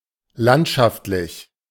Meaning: 1. scenic 2. regional
- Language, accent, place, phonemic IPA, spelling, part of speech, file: German, Germany, Berlin, /ˈlantʃaftlɪç/, landschaftlich, adjective, De-landschaftlich.ogg